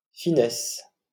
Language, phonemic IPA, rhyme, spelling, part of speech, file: French, /fi.nɛs/, -ɛs, finesse, noun, LL-Q150 (fra)-finesse.wav
- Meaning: 1. fineness (of hair, writing etc.) 2. thinness 3. keenness, sharpness (of blade) 4. fineness, delicacy; slenderness 5. perceptiveness; sensitivity, finesse